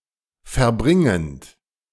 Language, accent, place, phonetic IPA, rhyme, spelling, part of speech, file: German, Germany, Berlin, [fɛɐ̯ˈbʁɪŋənt], -ɪŋənt, verbringend, verb, De-verbringend.ogg
- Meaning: present participle of verbringen